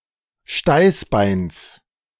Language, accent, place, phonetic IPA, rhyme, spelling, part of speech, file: German, Germany, Berlin, [ˈʃtaɪ̯sˌbaɪ̯ns], -aɪ̯sbaɪ̯ns, Steißbeins, noun, De-Steißbeins.ogg
- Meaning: genitive singular of Steißbein